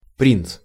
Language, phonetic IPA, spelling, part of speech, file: Russian, [prʲint͡s], принц, noun, Ru-принц.ogg
- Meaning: 1. prince, crown prince (a son or other male family member of a king or a non-Russian emperor) 2. prince (the holder of a princely title, especially in the Kingdom of France)